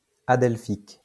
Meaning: adelphic
- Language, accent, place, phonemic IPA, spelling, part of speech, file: French, France, Lyon, /a.dɛl.fik/, adelphique, adjective, LL-Q150 (fra)-adelphique.wav